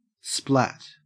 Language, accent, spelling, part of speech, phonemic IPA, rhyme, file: English, Australia, splat, noun / verb, /splæt/, -æt, En-au-splat.ogg
- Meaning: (noun) 1. The narrow wooden centre piece of a chair back 2. The sharp, atonal sound of a liquid or soft solid hitting a solid surface